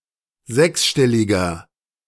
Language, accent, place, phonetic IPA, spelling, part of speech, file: German, Germany, Berlin, [ˈzɛksˌʃtɛlɪɡɐ], sechsstelliger, adjective, De-sechsstelliger.ogg
- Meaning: inflection of sechsstellig: 1. strong/mixed nominative masculine singular 2. strong genitive/dative feminine singular 3. strong genitive plural